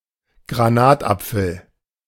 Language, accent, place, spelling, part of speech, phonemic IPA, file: German, Germany, Berlin, Granatapfel, noun, /ɡraˈnaːtˌapfəl/, De-Granatapfel.ogg
- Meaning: pomegranate